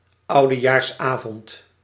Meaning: New Year's Eve
- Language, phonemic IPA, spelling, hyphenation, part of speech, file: Dutch, /ˌɑudəjarsˈavɔnt/, oudejaarsavond, ou‧de‧jaars‧avond, noun, Nl-oudejaarsavond.ogg